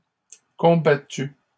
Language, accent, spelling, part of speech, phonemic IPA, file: French, Canada, combattus, verb, /kɔ̃.ba.ty/, LL-Q150 (fra)-combattus.wav
- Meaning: masculine plural of combattu